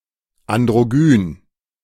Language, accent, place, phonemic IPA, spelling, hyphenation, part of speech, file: German, Germany, Berlin, /andʁoˈɡyːn/, androgyn, an‧d‧ro‧gyn, adjective, De-androgyn.ogg
- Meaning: androgynous (possessing qualities of both sexes)